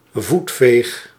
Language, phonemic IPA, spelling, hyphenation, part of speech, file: Dutch, /ˈvut.feːx/, voetveeg, voet‧veeg, noun, Nl-voetveeg.ogg
- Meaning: 1. doormat, mat 2. flunky, doormat, minion 3. leg sweep (kick or tackle where the leg sweeps over the ground)